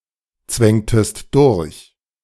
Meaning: inflection of durchzwängen: 1. second-person singular preterite 2. second-person singular subjunctive II
- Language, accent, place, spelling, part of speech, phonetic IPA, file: German, Germany, Berlin, zwängtest durch, verb, [ˌt͡svɛŋtəst ˈdʊʁç], De-zwängtest durch.ogg